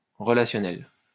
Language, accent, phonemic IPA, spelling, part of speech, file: French, France, /ʁə.la.sjɔ.nɛl/, relationnel, adjective / noun, LL-Q150 (fra)-relationnel.wav
- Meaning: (adjective) relational; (noun) the social dimension of something; everything related to interpersonal skills, to relationships, to rapport